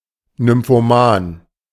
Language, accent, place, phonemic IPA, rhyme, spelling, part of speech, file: German, Germany, Berlin, /nʏmfoˈmaːn/, -aːn, nymphoman, adjective, De-nymphoman.ogg
- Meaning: nymphomaniac